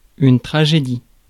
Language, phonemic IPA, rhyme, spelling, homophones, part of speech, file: French, /tʁa.ʒe.di/, -i, tragédie, tragédies, noun, Fr-tragédie.ogg
- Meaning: 1. tragedy 2. tragedy (tragic event, especially one involving great loss of life or injury)